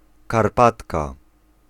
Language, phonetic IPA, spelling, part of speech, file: Polish, [karˈpatka], karpatka, noun, Pl-karpatka.ogg